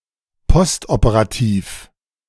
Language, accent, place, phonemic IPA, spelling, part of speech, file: German, Germany, Berlin, /ˈpɔstʔopəʁaˌtiːf/, postoperativ, adjective, De-postoperativ.ogg
- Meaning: postoperative